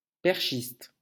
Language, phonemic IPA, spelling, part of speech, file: French, /pɛʁ.ʃist/, perchiste, noun, LL-Q150 (fra)-perchiste.wav
- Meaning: 1. pole vaulter 2. boom operator